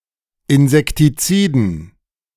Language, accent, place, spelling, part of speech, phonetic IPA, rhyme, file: German, Germany, Berlin, Insektiziden, noun, [ɪnzɛktiˈt͡siːdn̩], -iːdn̩, De-Insektiziden.ogg
- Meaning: dative plural of Insektizid